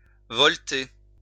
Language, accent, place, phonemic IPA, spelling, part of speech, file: French, France, Lyon, /vɔl.te/, voleter, verb, LL-Q150 (fra)-voleter.wav
- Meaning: to flutter